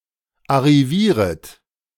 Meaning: second-person plural subjunctive I of arrivieren
- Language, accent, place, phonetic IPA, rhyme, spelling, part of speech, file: German, Germany, Berlin, [aʁiˈviːʁət], -iːʁət, arrivieret, verb, De-arrivieret.ogg